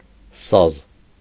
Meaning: saz
- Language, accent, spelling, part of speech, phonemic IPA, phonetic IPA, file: Armenian, Eastern Armenian, սազ, noun, /sɑz/, [sɑz], Hy-սազ.ogg